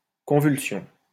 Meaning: convulsion
- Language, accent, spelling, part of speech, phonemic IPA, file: French, France, convulsion, noun, /kɔ̃.vyl.sjɔ̃/, LL-Q150 (fra)-convulsion.wav